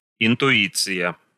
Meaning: intuition (immediate cognition without the use of rational processes)
- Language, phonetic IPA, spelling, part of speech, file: Russian, [ɪntʊˈit͡sɨjə], интуиция, noun, Ru-интуиция.ogg